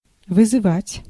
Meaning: 1. to call, to send for 2. to challenge, to defy 3. to summon 4. to arouse, to cause, to stimulate, to evoke, to call forth
- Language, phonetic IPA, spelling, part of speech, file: Russian, [vɨzɨˈvatʲ], вызывать, verb, Ru-вызывать.ogg